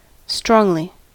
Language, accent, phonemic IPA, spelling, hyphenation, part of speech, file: English, US, /ˈstɹɔŋli/, strongly, strong‧ly, adverb, En-us-strongly.ogg
- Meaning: 1. In a strong or powerful manner 2. Very much 3. Fulfilling a stricter set of criteria